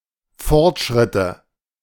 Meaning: nominative/accusative/genitive plural of Fortschritt
- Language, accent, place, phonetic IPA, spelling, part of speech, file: German, Germany, Berlin, [ˈfɔʁtˌʃʁɪtə], Fortschritte, noun, De-Fortschritte.ogg